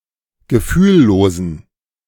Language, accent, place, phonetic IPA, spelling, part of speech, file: German, Germany, Berlin, [ɡəˈfyːlˌloːzn̩], gefühllosen, adjective, De-gefühllosen.ogg
- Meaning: inflection of gefühllos: 1. strong genitive masculine/neuter singular 2. weak/mixed genitive/dative all-gender singular 3. strong/weak/mixed accusative masculine singular 4. strong dative plural